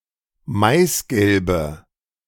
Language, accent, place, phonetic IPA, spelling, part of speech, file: German, Germany, Berlin, [ˈmaɪ̯sˌɡɛlbə], maisgelbe, adjective, De-maisgelbe.ogg
- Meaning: inflection of maisgelb: 1. strong/mixed nominative/accusative feminine singular 2. strong nominative/accusative plural 3. weak nominative all-gender singular